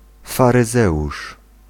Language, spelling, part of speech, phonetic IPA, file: Polish, faryzeusz, noun, [ˌfarɨˈzɛʷuʃ], Pl-faryzeusz.ogg